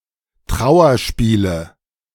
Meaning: nominative/accusative/genitive plural of Trauerspiel
- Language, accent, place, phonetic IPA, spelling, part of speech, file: German, Germany, Berlin, [ˈtʁaʊ̯ɐˌʃpiːlə], Trauerspiele, noun, De-Trauerspiele.ogg